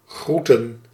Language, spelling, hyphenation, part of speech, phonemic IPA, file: Dutch, groeten, groe‧ten, verb / noun, /ˈɣrutə(n)/, Nl-groeten.ogg
- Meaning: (verb) 1. to greet 2. to salute; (noun) plural of groet